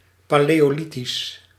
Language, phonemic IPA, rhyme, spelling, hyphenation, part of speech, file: Dutch, /ˌpaː.leː.oːˈli.tis/, -itis, paleolithisch, pa‧leo‧li‧thisch, adjective, Nl-paleolithisch.ogg
- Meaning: Paleolithic